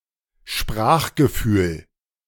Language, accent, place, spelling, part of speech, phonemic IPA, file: German, Germany, Berlin, Sprachgefühl, noun, /ˈʃpʁaːχɡəˌfyːl/, De-Sprachgefühl.ogg
- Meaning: the instinctive or intuitive grasp of the natural idiom of a language